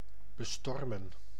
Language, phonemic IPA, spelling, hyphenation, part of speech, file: Dutch, /bəˈstɔrmə(n)/, bestormen, be‧stor‧men, verb, Nl-bestormen.ogg
- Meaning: to storm, to assault quickly